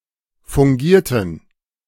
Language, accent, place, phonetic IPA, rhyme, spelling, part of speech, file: German, Germany, Berlin, [fʊŋˈɡiːɐ̯tn̩], -iːɐ̯tn̩, fungierten, verb, De-fungierten.ogg
- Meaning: inflection of fungieren: 1. first/third-person plural preterite 2. first/third-person plural subjunctive II